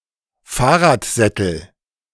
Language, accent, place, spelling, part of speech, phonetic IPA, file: German, Germany, Berlin, Fahrradsättel, noun, [ˈfaːɐ̯ʁaːtˌzɛtl̩], De-Fahrradsättel.ogg
- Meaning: nominative/accusative/genitive plural of Fahrradsattel